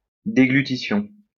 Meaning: deglutition, swallowing
- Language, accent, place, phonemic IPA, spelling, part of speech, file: French, France, Lyon, /de.ɡly.ti.sjɔ̃/, déglutition, noun, LL-Q150 (fra)-déglutition.wav